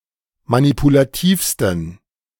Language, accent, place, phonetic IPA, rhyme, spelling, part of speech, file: German, Germany, Berlin, [manipulaˈtiːfstn̩], -iːfstn̩, manipulativsten, adjective, De-manipulativsten.ogg
- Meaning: 1. superlative degree of manipulativ 2. inflection of manipulativ: strong genitive masculine/neuter singular superlative degree